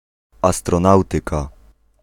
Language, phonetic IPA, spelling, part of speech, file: Polish, [ˌastrɔ̃ˈnawtɨka], astronautyka, noun, Pl-astronautyka.ogg